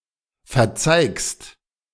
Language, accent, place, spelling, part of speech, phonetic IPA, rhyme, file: German, Germany, Berlin, verzeigst, verb, [fɛɐ̯ˈt͡saɪ̯kst], -aɪ̯kst, De-verzeigst.ogg
- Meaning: second-person singular present of verzeigen